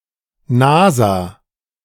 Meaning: NASA (abbreviation of National Aeronautics and Space Administration)
- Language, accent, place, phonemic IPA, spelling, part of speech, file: German, Germany, Berlin, /ˈnaːza/, NASA, proper noun, De-NASA.ogg